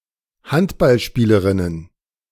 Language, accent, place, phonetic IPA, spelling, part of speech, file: German, Germany, Berlin, [ˈhantbalˌʃpiːləʁɪnən], Handballspielerinnen, noun, De-Handballspielerinnen.ogg
- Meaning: plural of Handballspielerin